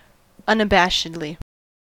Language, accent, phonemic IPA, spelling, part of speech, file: English, US, /ˌʌnəˈbæʃɪdli/, unabashedly, adverb, En-us-unabashedly.ogg
- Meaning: In an unabashed manner; without embarrassment or hesitation